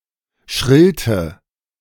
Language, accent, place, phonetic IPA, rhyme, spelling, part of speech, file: German, Germany, Berlin, [ʃʁɪlt], -ɪlt, schrillt, verb, De-schrillt.ogg
- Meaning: inflection of schrillen: 1. second-person plural present 2. third-person singular present 3. plural imperative